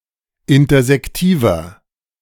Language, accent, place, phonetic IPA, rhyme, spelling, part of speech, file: German, Germany, Berlin, [ˌɪntɐzɛkˈtiːvɐ], -iːvɐ, intersektiver, adjective, De-intersektiver.ogg
- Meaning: inflection of intersektiv: 1. strong/mixed nominative masculine singular 2. strong genitive/dative feminine singular 3. strong genitive plural